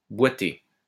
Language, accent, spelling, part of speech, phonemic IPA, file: French, France, boiter, verb, /bwa.te/, LL-Q150 (fra)-boiter.wav
- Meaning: to limp (to walk lamely, as if favouring one leg)